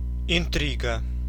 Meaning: 1. intrigue, plot (also in literature) 2. scheming 3. amour, gallantry, love affair
- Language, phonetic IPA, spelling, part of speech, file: Russian, [ɪnˈtrʲiɡə], интрига, noun, Ru-интрига.ogg